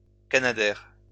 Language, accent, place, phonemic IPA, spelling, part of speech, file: French, France, Lyon, /ka.na.dɛʁ/, canadair, noun, LL-Q150 (fra)-canadair.wav
- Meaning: waterbomber (firefighting aircraft)